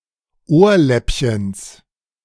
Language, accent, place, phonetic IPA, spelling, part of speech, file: German, Germany, Berlin, [ˈoːɐ̯ˌlɛpçəns], Ohrläppchens, noun, De-Ohrläppchens.ogg
- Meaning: genitive singular of Ohrläppchen